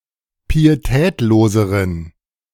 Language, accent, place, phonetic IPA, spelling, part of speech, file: German, Germany, Berlin, [piːeˈtɛːtloːzəʁən], pietätloseren, adjective, De-pietätloseren.ogg
- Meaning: inflection of pietätlos: 1. strong genitive masculine/neuter singular comparative degree 2. weak/mixed genitive/dative all-gender singular comparative degree